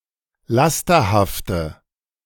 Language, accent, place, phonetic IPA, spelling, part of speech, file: German, Germany, Berlin, [ˈlastɐhaftə], lasterhafte, adjective, De-lasterhafte.ogg
- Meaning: inflection of lasterhaft: 1. strong/mixed nominative/accusative feminine singular 2. strong nominative/accusative plural 3. weak nominative all-gender singular